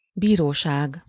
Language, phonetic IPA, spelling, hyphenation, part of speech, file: Hungarian, [ˈbiːroːʃaːɡ], bíróság, bí‧ró‧ság, noun, Hu-bíróság.ogg
- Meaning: court (hall, chamber, or place, where justice is administered)